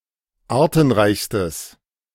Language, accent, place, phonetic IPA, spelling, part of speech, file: German, Germany, Berlin, [ˈaːɐ̯tn̩ˌʁaɪ̯çstəs], artenreichstes, adjective, De-artenreichstes.ogg
- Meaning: strong/mixed nominative/accusative neuter singular superlative degree of artenreich